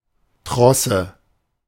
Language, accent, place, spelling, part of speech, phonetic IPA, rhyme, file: German, Germany, Berlin, Trosse, noun, [ˈtʁɔsə], -ɔsə, De-Trosse.ogg
- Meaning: hawser